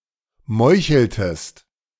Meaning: inflection of meucheln: 1. second-person singular preterite 2. second-person singular subjunctive II
- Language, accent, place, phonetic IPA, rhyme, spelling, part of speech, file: German, Germany, Berlin, [ˈmɔɪ̯çl̩təst], -ɔɪ̯çl̩təst, meucheltest, verb, De-meucheltest.ogg